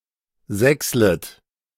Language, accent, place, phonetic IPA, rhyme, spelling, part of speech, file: German, Germany, Berlin, [ˈzɛkslət], -ɛkslət, sächslet, verb, De-sächslet.ogg
- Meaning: second-person plural subjunctive I of sächseln